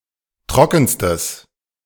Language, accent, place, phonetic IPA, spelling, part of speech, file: German, Germany, Berlin, [ˈtʁɔkn̩stəs], trockenstes, adjective, De-trockenstes.ogg
- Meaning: strong/mixed nominative/accusative neuter singular superlative degree of trocken